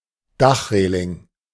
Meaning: roof rails
- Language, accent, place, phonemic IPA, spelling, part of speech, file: German, Germany, Berlin, /ˈdaχˌʁeːlɪŋ/, Dachreling, noun, De-Dachreling.ogg